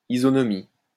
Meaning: isonomy
- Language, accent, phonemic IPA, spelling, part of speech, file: French, France, /i.zɔ.nɔ.mi/, isonomie, noun, LL-Q150 (fra)-isonomie.wav